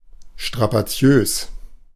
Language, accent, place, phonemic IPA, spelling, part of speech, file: German, Germany, Berlin, /ʃtʁapaˈtsjøːs/, strapaziös, adjective, De-strapaziös.ogg
- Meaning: arduous, strenuous, bodily or mentally exhausting